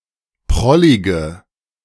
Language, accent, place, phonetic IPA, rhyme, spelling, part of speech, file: German, Germany, Berlin, [ˈpʁɔlɪɡə], -ɔlɪɡə, prollige, adjective, De-prollige.ogg
- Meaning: inflection of prollig: 1. strong/mixed nominative/accusative feminine singular 2. strong nominative/accusative plural 3. weak nominative all-gender singular 4. weak accusative feminine/neuter singular